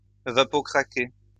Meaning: to steam-crack
- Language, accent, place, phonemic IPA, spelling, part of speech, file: French, France, Lyon, /va.pɔ.kʁa.ke/, vapocraquer, verb, LL-Q150 (fra)-vapocraquer.wav